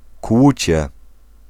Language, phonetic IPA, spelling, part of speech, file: Polish, [ˈkwut͡ɕɛ], kłucie, noun, Pl-kłucie.ogg